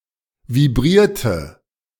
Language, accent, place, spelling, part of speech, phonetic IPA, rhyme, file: German, Germany, Berlin, vibrierte, verb, [viˈbʁiːɐ̯tə], -iːɐ̯tə, De-vibrierte.ogg
- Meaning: inflection of vibrieren: 1. first/third-person singular preterite 2. first/third-person singular subjunctive II